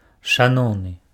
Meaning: respectful, dear (also as a form of address)
- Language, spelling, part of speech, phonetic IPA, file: Belarusian, шаноўны, adjective, [ʂaˈnou̯nɨ], Be-шаноўны.ogg